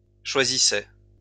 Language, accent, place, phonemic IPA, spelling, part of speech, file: French, France, Lyon, /ʃwa.zi.sɛ/, choisissaient, verb, LL-Q150 (fra)-choisissaient.wav
- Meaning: third-person plural imperfect indicative of choisir